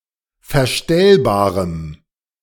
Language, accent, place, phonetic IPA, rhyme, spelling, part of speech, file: German, Germany, Berlin, [fɛɐ̯ˈʃtɛlbaːʁəm], -ɛlbaːʁəm, verstellbarem, adjective, De-verstellbarem.ogg
- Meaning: strong dative masculine/neuter singular of verstellbar